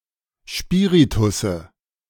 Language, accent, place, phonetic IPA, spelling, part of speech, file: German, Germany, Berlin, [ˈspiːʁitʊsə], Spiritusse, noun, De-Spiritusse.ogg
- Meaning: nominative/accusative/genitive plural of Spiritus